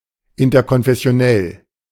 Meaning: interconfessional
- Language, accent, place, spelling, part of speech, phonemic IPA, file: German, Germany, Berlin, interkonfessionell, adjective, /ɪntɐkɔnfɛsi̯oˈnɛl/, De-interkonfessionell.ogg